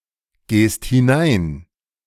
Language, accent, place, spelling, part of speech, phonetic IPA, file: German, Germany, Berlin, gehst hinein, verb, [ˌɡeːst hɪˈnaɪ̯n], De-gehst hinein.ogg
- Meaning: second-person singular present of hineingehen